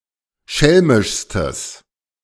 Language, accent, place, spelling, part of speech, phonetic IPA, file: German, Germany, Berlin, schelmischstes, adjective, [ˈʃɛlmɪʃstəs], De-schelmischstes.ogg
- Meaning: strong/mixed nominative/accusative neuter singular superlative degree of schelmisch